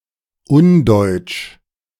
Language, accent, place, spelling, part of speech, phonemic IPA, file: German, Germany, Berlin, undeutsch, adjective, /ˈʊnˌdɔɪ̯t͡ʃ/, De-undeutsch.ogg
- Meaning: 1. un-German; not typically German 2. anti-German; contrary to ideals of Germanness